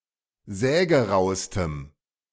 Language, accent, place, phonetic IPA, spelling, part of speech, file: German, Germany, Berlin, [ˈzɛːɡəˌʁaʊ̯stəm], sägeraustem, adjective, De-sägeraustem.ogg
- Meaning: strong dative masculine/neuter singular superlative degree of sägerau